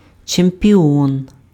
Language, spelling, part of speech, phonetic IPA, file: Ukrainian, чемпіон, noun, [t͡ʃempʲiˈɔn], Uk-чемпіон.ogg
- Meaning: champion